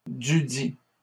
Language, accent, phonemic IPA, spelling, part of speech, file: French, Canada, /dy.di/, dudit, contraction, LL-Q150 (fra)-dudit.wav
- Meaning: contraction of de + ledit